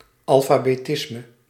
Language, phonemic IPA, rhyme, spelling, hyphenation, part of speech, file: Dutch, /ˌɑl.faː.beːˈtɪs.mə/, -ɪsmə, alfabetisme, al‧fa‧be‧tis‧me, noun, Nl-alfabetisme.ogg
- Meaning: literacy